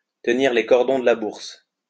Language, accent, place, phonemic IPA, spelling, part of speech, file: French, France, Lyon, /tə.niʁ le kɔʁ.dɔ̃ d(ə) la buʁs/, tenir les cordons de la bourse, verb, LL-Q150 (fra)-tenir les cordons de la bourse.wav
- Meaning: to hold the purse strings (to be in control of spending)